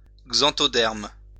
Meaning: xanthoderm
- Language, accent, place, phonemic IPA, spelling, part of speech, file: French, France, Lyon, /ɡzɑ̃.tɔ.dɛʁm/, xanthoderme, noun, LL-Q150 (fra)-xanthoderme.wav